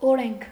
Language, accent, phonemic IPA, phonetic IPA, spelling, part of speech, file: Armenian, Eastern Armenian, /oˈɾenkʰ/, [oɾéŋkʰ], օրենք, noun, Hy-օրենք.ogg
- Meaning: law